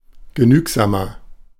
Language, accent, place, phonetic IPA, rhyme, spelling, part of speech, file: German, Germany, Berlin, [ɡəˈnyːkzaːmɐ], -yːkzaːmɐ, genügsamer, adjective, De-genügsamer.ogg
- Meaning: 1. comparative degree of genügsam 2. inflection of genügsam: strong/mixed nominative masculine singular 3. inflection of genügsam: strong genitive/dative feminine singular